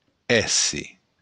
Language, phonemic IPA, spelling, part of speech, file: Occitan, /ˈɛ.se/, èsser, verb / noun, LL-Q942602-èsser.wav
- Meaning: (verb) to be; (noun) being (a living creature)